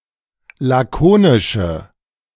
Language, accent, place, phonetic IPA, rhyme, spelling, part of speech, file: German, Germany, Berlin, [ˌlaˈkoːnɪʃə], -oːnɪʃə, lakonische, adjective, De-lakonische.ogg
- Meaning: inflection of lakonisch: 1. strong/mixed nominative/accusative feminine singular 2. strong nominative/accusative plural 3. weak nominative all-gender singular